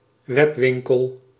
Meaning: online store
- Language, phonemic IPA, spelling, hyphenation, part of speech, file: Dutch, /ˈwɛpwɪŋkəl/, webwinkel, web‧win‧kel, noun, Nl-webwinkel.ogg